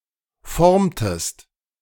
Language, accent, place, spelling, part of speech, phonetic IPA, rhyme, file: German, Germany, Berlin, formtest, verb, [ˈfɔʁmtəst], -ɔʁmtəst, De-formtest.ogg
- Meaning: inflection of formen: 1. second-person singular preterite 2. second-person singular subjunctive II